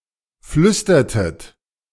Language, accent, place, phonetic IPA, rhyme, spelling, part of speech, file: German, Germany, Berlin, [ˈflʏstɐtət], -ʏstɐtət, flüstertet, verb, De-flüstertet.ogg
- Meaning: inflection of flüstern: 1. second-person plural preterite 2. second-person plural subjunctive II